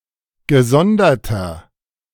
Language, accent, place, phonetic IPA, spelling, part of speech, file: German, Germany, Berlin, [ɡəˈzɔndɐtɐ], gesonderter, adjective, De-gesonderter.ogg
- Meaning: inflection of gesondert: 1. strong/mixed nominative masculine singular 2. strong genitive/dative feminine singular 3. strong genitive plural